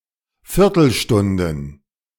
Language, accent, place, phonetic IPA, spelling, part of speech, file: German, Germany, Berlin, [ˈfɪʁtl̩ˌʃtʊndn̩], Viertelstunden, noun, De-Viertelstunden.ogg
- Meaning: plural of Viertelstunde